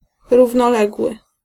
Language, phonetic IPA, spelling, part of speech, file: Polish, [ˌruvnɔˈlɛɡwɨ], równoległy, adjective, Pl-równoległy.ogg